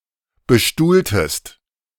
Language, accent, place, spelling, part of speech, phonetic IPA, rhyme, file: German, Germany, Berlin, bestuhltest, verb, [bəˈʃtuːltəst], -uːltəst, De-bestuhltest.ogg
- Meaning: inflection of bestuhlen: 1. second-person singular preterite 2. second-person singular subjunctive II